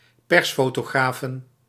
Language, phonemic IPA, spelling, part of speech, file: Dutch, /ˈpɛrsfotoˌɣrafən/, persfotografen, noun, Nl-persfotografen.ogg
- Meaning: plural of persfotograaf